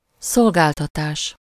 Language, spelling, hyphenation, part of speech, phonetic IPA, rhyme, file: Hungarian, szolgáltatás, szol‧gál‧ta‧tás, noun, [ˈsolɡaːltɒtaːʃ], -aːʃ, Hu-szolgáltatás.ogg
- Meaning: service